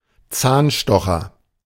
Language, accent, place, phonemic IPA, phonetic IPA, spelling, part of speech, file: German, Germany, Berlin, /ˈtsaːnˌʃtɔxər/, [ˈt͡saːnˌʃtɔ.χɐ], Zahnstocher, noun, De-Zahnstocher.ogg
- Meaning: toothpick